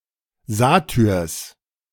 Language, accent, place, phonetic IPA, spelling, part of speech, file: German, Germany, Berlin, [ˈzaːtʏʁs], Satyrs, noun, De-Satyrs.ogg
- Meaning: genitive singular of Satyr